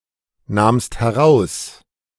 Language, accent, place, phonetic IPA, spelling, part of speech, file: German, Germany, Berlin, [ˌnaːmst hɛˈʁaʊ̯s], nahmst heraus, verb, De-nahmst heraus.ogg
- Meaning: second-person singular preterite of herausnehmen